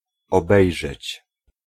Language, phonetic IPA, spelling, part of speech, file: Polish, [ɔˈbɛjʒɛt͡ɕ], obejrzeć, verb, Pl-obejrzeć.ogg